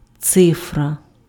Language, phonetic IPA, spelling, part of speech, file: Ukrainian, [ˈt͡sɪfrɐ], цифра, noun, Uk-цифра.ogg
- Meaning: 1. figure, cipher, digit 2. figures, numbers